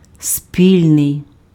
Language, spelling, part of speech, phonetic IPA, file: Ukrainian, спільний, adjective, [ˈsʲpʲilʲnei̯], Uk-спільний.ogg
- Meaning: 1. common, joint 2. mutual